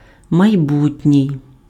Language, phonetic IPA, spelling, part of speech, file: Ukrainian, [mɐi̯ˈbutʲnʲii̯], майбутній, adjective, Uk-майбутній.ogg
- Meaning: future, coming